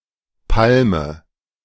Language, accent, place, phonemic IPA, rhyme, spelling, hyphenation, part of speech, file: German, Germany, Berlin, /ˈpalmə/, -almə, Palme, Pal‧me, noun, De-Palme.ogg
- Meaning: 1. palm tree 2. a palm branch